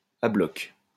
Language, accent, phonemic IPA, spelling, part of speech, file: French, France, /a blɔk/, à bloc, adverb, LL-Q150 (fra)-à bloc.wav
- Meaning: flat out; riding as hard as possible